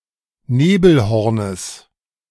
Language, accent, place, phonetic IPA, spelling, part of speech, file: German, Germany, Berlin, [ˈneːbl̩ˌhɔʁnəs], Nebelhornes, noun, De-Nebelhornes.ogg
- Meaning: genitive singular of Nebelhorn